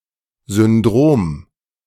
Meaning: syndrome
- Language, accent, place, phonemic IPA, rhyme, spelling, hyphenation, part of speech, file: German, Germany, Berlin, /zʏnˈdʁoːm/, -oːm, Syndrom, Syn‧drom, noun, De-Syndrom.ogg